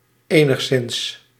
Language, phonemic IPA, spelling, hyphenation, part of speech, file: Dutch, /ˌeː.nəxˈsɪns/, enigszins, enigs‧zins, adverb, Nl-enigszins.ogg
- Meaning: 1. somewhat; to some degree; rather; slightly 2. at all; in any way